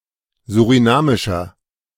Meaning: inflection of surinamisch: 1. strong/mixed nominative masculine singular 2. strong genitive/dative feminine singular 3. strong genitive plural
- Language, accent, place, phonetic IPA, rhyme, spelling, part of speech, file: German, Germany, Berlin, [zuʁiˈnaːmɪʃɐ], -aːmɪʃɐ, surinamischer, adjective, De-surinamischer.ogg